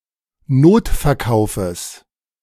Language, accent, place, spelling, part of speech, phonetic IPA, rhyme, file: German, Germany, Berlin, Notverkaufes, noun, [ˈnoːtfɛɐ̯ˌkaʊ̯fəs], -oːtfɛɐ̯kaʊ̯fəs, De-Notverkaufes.ogg
- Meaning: genitive singular of Notverkauf